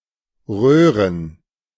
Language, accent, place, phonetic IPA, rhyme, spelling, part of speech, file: German, Germany, Berlin, [ˈʁøːʁən], -øːʁən, Röhren, noun, De-Röhren.ogg
- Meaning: 1. plural of Röhre 2. gerund of röhren